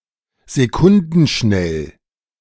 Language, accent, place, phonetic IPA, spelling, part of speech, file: German, Germany, Berlin, [zeˈkʊndn̩ˌʃnɛl], sekundenschnell, adjective, De-sekundenschnell.ogg
- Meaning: within seconds